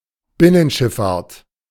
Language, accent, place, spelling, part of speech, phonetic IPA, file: German, Germany, Berlin, Binnenschifffahrt, noun, [ˈbɪnənˌʃɪffaːɐ̯t], De-Binnenschifffahrt.ogg
- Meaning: inland water transportation, inland water transport